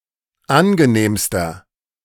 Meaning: inflection of angenehm: 1. strong/mixed nominative masculine singular superlative degree 2. strong genitive/dative feminine singular superlative degree 3. strong genitive plural superlative degree
- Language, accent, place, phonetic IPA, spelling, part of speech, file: German, Germany, Berlin, [ˈanɡəˌneːmstɐ], angenehmster, adjective, De-angenehmster.ogg